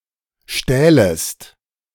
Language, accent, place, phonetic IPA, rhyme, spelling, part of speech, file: German, Germany, Berlin, [ˈʃtɛːləst], -ɛːləst, stählest, verb, De-stählest.ogg
- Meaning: second-person singular subjunctive II of stehlen